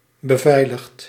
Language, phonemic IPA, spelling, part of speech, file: Dutch, /bəˈvɛiləxt/, beveiligd, verb, Nl-beveiligd.ogg
- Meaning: past participle of beveiligen